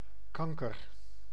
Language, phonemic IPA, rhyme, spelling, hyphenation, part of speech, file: Dutch, /ˈkɑŋ.kər/, -ɑŋkər, kanker, kan‧ker, noun / adjective / adverb / interjection / verb, Nl-kanker.ogg
- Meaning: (noun) 1. cancer 2. cancer, something harmful that festers and spreads elsewhere; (adjective) fucking; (interjection) An expression of anger, annoyance, etc. damn, fuck